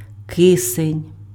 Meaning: oxygen (chemical element)
- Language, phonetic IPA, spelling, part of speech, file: Ukrainian, [ˈkɪsenʲ], кисень, noun, Uk-кисень.ogg